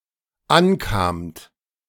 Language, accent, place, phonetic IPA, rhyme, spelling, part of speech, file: German, Germany, Berlin, [ˈanˌkaːmt], -ankaːmt, ankamt, verb, De-ankamt.ogg
- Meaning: second-person plural dependent preterite of ankommen